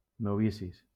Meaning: plural of novici
- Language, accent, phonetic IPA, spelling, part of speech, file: Catalan, Valencia, [noˈvi.sis], novicis, noun, LL-Q7026 (cat)-novicis.wav